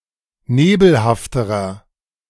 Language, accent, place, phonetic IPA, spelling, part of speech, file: German, Germany, Berlin, [ˈneːbl̩haftəʁɐ], nebelhafterer, adjective, De-nebelhafterer.ogg
- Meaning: inflection of nebelhaft: 1. strong/mixed nominative masculine singular comparative degree 2. strong genitive/dative feminine singular comparative degree 3. strong genitive plural comparative degree